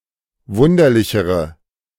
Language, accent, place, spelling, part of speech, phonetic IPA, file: German, Germany, Berlin, wunderlichere, adjective, [ˈvʊndɐlɪçəʁə], De-wunderlichere.ogg
- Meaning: inflection of wunderlich: 1. strong/mixed nominative/accusative feminine singular comparative degree 2. strong nominative/accusative plural comparative degree